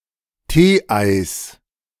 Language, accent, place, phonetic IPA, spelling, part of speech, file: German, Germany, Berlin, [ˈteːˌʔaɪ̯s], Tee-Eis, noun, De-Tee-Eis.ogg
- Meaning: genitive singular of Tee-Ei